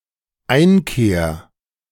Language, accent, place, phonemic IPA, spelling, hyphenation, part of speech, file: German, Germany, Berlin, /ˈaɪ̯nˌkeːɐ̯/, Einkehr, Ein‧kehr, noun, De-Einkehr.ogg
- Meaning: 1. reflection 2. retreat